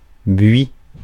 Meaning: 1. box (tree) 2. boxwood
- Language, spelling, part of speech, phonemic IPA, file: French, buis, noun, /bɥi/, Fr-buis.ogg